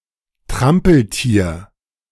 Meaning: 1. Bactrian camel (“Camelus bactrianus”) 2. clumsy person, klutz, bull in a china shop
- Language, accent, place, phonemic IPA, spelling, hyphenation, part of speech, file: German, Germany, Berlin, /ˈtʁampl̩ˌtiːɐ̯/, Trampeltier, Tram‧pel‧tier, noun, De-Trampeltier.ogg